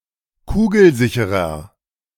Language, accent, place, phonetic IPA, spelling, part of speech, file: German, Germany, Berlin, [ˈkuːɡl̩ˌzɪçəʁɐ], kugelsicherer, adjective, De-kugelsicherer.ogg
- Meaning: inflection of kugelsicher: 1. strong/mixed nominative masculine singular 2. strong genitive/dative feminine singular 3. strong genitive plural